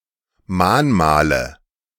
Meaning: nominative/accusative/genitive plural of Mahnmal
- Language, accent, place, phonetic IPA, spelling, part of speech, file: German, Germany, Berlin, [ˈmaːnˌmaːlə], Mahnmale, noun, De-Mahnmale.ogg